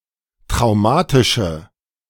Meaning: inflection of traumatisch: 1. strong/mixed nominative/accusative feminine singular 2. strong nominative/accusative plural 3. weak nominative all-gender singular
- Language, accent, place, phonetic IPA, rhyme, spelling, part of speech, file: German, Germany, Berlin, [tʁaʊ̯ˈmaːtɪʃə], -aːtɪʃə, traumatische, adjective, De-traumatische.ogg